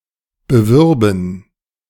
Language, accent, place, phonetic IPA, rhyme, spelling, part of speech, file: German, Germany, Berlin, [bəˈvʏʁbn̩], -ʏʁbn̩, bewürben, verb, De-bewürben.ogg
- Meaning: first/third-person plural subjunctive II of bewerben